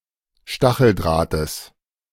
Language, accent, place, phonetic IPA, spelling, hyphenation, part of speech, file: German, Germany, Berlin, [ˈʃtaxl̩ˌdʁaːtəs], Stacheldrahtes, Sta‧chel‧drah‧tes, noun, De-Stacheldrahtes.ogg
- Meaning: genitive of Stacheldraht